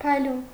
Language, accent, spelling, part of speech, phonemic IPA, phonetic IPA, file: Armenian, Eastern Armenian, փայլուն, adjective, /pʰɑjˈlun/, [pʰɑjlún], Hy-փայլուն.ogg
- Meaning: 1. shining, sparkling, glittering 2. joyous, joyful, merry 3. fresh, lush, abundant 4. promising, bright, auspicious 5. splendid, magnificent, brilliant 6. elevated, lofty, high